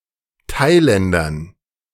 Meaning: dative plural of Thailänder
- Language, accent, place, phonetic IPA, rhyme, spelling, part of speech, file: German, Germany, Berlin, [ˈtaɪ̯ˌlɛndɐn], -aɪ̯lɛndɐn, Thailändern, noun, De-Thailändern.ogg